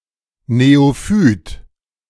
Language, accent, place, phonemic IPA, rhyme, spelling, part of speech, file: German, Germany, Berlin, /neːoˈfyːt/, -yːt, Neophyt, noun, De-Neophyt.ogg
- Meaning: 1. neophyte, invasive species (recently introduced plant species) 2. neophyte (new convert, someone baptized in adulthood)